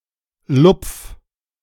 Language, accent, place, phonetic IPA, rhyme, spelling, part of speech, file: German, Germany, Berlin, [lʊp͡f], -ʊp͡f, lupf, verb, De-lupf.ogg
- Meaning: 1. singular imperative of lupfen 2. first-person singular present of lupfen